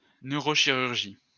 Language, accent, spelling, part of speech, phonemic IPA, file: French, France, neurochirurgie, noun, /nø.ʁo.ʃi.ʁyʁ.ʒi/, LL-Q150 (fra)-neurochirurgie.wav
- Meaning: neurosurgery